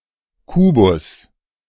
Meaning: cube
- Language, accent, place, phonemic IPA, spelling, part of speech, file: German, Germany, Berlin, /ˈkuːbʊs/, Kubus, noun, De-Kubus.ogg